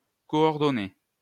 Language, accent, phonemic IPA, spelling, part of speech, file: French, France, /kɔ.ɔʁ.dɔ.ne/, coordonner, verb, LL-Q150 (fra)-coordonner.wav
- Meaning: to coordinate, to organise thoroughly